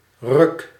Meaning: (noun) pull, jerk; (adjective) crap, shitty, garbage; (verb) inflection of rukken: 1. first-person singular present indicative 2. second-person singular present indicative 3. imperative
- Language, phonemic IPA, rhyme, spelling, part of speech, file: Dutch, /rʏk/, -ʏk, ruk, noun / adjective / verb, Nl-ruk.ogg